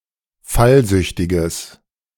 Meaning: strong/mixed nominative/accusative neuter singular of fallsüchtig
- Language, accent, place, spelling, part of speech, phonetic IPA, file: German, Germany, Berlin, fallsüchtiges, adjective, [ˈfalˌzʏçtɪɡəs], De-fallsüchtiges.ogg